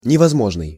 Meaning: impossible (not possible)
- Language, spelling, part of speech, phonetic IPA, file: Russian, невозможный, adjective, [nʲɪvɐzˈmoʐnɨj], Ru-невозможный.ogg